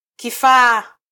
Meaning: 1. tool 2. device (a piece of equipment made for a particular purpose)
- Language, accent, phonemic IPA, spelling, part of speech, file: Swahili, Kenya, /kiˈfɑː/, kifaa, noun, Sw-ke-kifaa.flac